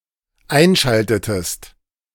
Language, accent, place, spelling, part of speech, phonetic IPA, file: German, Germany, Berlin, einschaltetest, verb, [ˈaɪ̯nˌʃaltətəst], De-einschaltetest.ogg
- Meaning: inflection of einschalten: 1. second-person singular dependent preterite 2. second-person singular dependent subjunctive II